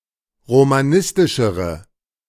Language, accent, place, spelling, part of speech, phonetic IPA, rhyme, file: German, Germany, Berlin, romanistischere, adjective, [ʁomaˈnɪstɪʃəʁə], -ɪstɪʃəʁə, De-romanistischere.ogg
- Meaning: inflection of romanistisch: 1. strong/mixed nominative/accusative feminine singular comparative degree 2. strong nominative/accusative plural comparative degree